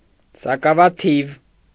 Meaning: few (not many, a small number)
- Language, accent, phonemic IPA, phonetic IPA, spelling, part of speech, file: Armenian, Eastern Armenian, /sɑkɑvɑˈtʰiv/, [sɑkɑvɑtʰív], սակավաթիվ, adjective, Hy-սակավաթիվ.ogg